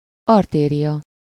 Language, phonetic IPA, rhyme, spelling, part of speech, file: Hungarian, [ˈɒrteːrijɒ], -jɒ, artéria, noun, Hu-artéria.ogg
- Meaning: artery (efferent blood vessel from the heart)